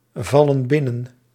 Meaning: inflection of binnenvallen: 1. plural present indicative 2. plural present subjunctive
- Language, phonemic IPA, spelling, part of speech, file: Dutch, /ˈvɑlə(n) ˈbɪnən/, vallen binnen, verb, Nl-vallen binnen.ogg